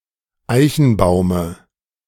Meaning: dative singular of Eichenbaum
- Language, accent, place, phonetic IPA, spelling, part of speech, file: German, Germany, Berlin, [ˈaɪ̯çn̩ˌbaʊ̯mə], Eichenbaume, noun, De-Eichenbaume.ogg